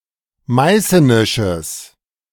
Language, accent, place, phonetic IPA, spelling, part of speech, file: German, Germany, Berlin, [ˈmaɪ̯sənɪʃəs], meißenisches, adjective, De-meißenisches.ogg
- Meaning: strong/mixed nominative/accusative neuter singular of meißenisch